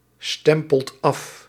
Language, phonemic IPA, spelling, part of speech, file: Dutch, /ˈstɛmpəlt ˈɑf/, stempelt af, verb, Nl-stempelt af.ogg
- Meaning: inflection of afstempelen: 1. second/third-person singular present indicative 2. plural imperative